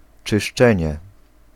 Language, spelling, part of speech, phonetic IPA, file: Polish, czyszczenie, noun, [t͡ʃɨʃˈt͡ʃɛ̃ɲɛ], Pl-czyszczenie.ogg